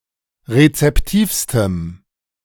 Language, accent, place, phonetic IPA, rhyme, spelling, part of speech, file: German, Germany, Berlin, [ʁet͡sɛpˈtiːfstəm], -iːfstəm, rezeptivstem, adjective, De-rezeptivstem.ogg
- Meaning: strong dative masculine/neuter singular superlative degree of rezeptiv